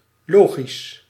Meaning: logical
- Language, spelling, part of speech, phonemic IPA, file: Dutch, logisch, adjective, /ˈloːxis/, Nl-logisch.ogg